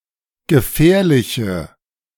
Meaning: inflection of gefährlich: 1. strong/mixed nominative/accusative feminine singular 2. strong nominative/accusative plural 3. weak nominative all-gender singular
- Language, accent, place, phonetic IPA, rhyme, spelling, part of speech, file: German, Germany, Berlin, [ɡəˈfɛːɐ̯lɪçə], -ɛːɐ̯lɪçə, gefährliche, adjective, De-gefährliche.ogg